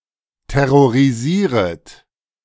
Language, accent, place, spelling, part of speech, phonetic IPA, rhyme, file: German, Germany, Berlin, terrorisieret, verb, [tɛʁoʁiˈziːʁət], -iːʁət, De-terrorisieret.ogg
- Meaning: second-person plural subjunctive I of terrorisieren